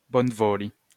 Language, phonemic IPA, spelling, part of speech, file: Esperanto, /bonˈvoli/, bonvoli, verb, LL-Q143 (epo)-bonvoli.wav